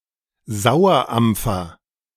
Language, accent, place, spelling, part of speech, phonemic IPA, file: German, Germany, Berlin, Sauerampfer, noun, /ˈzaʊ̯ɐˌʔampfɐ/, De-Sauerampfer.ogg
- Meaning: sorrel (Rumex acetosa or R. acetosella)